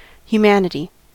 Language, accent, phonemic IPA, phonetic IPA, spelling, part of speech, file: English, US, /hjuˈmænɪti/, [j̊ʊwˈmænɪɾi], humanity, noun, En-us-humanity.ogg
- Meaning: 1. Humankind; human beings as a group 2. The human condition or nature 3. The quality of being benevolent; humane traits of character; humane qualities or aspects